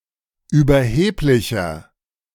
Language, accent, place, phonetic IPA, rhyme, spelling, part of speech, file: German, Germany, Berlin, [yːbɐˈheːplɪçɐ], -eːplɪçɐ, überheblicher, adjective, De-überheblicher.ogg
- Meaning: 1. comparative degree of überheblich 2. inflection of überheblich: strong/mixed nominative masculine singular 3. inflection of überheblich: strong genitive/dative feminine singular